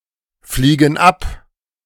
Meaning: inflection of abfliegen: 1. first/third-person plural present 2. first/third-person plural subjunctive I
- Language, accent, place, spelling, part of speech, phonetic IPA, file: German, Germany, Berlin, fliegen ab, verb, [ˌfliːɡn̩ ˈap], De-fliegen ab.ogg